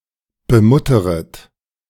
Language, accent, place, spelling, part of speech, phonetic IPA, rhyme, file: German, Germany, Berlin, bemutteret, verb, [bəˈmʊtəʁət], -ʊtəʁət, De-bemutteret.ogg
- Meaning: second-person plural subjunctive I of bemuttern